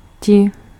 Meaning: 1. they, those 2. to you
- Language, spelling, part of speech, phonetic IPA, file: Czech, ti, pronoun, [ˈcɪ], Cs-ti.ogg